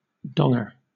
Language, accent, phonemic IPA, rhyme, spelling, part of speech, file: English, Southern England, /ˈdɒŋə/, -ɒŋə, donger, noun, LL-Q1860 (eng)-donger.wav
- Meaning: The penis